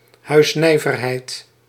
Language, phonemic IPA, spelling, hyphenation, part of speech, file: Dutch, /ˈɦœy̯sˌnɛi̯.vər.ɦɛi̯t/, huisnijverheid, huis‧nij‧ver‧heid, noun, Nl-huisnijverheid.ogg
- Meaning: cottage industry, domestic artisanry